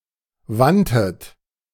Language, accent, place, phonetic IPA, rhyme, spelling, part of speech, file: German, Germany, Berlin, [ˈvantət], -antət, wandtet, verb, De-wandtet.ogg
- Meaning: second-person plural preterite of wenden